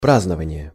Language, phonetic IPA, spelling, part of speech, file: Russian, [ˈpraznəvənʲɪje], празднование, noun, Ru-празднование.ogg
- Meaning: celebration, celebrating, commemoration, commemorating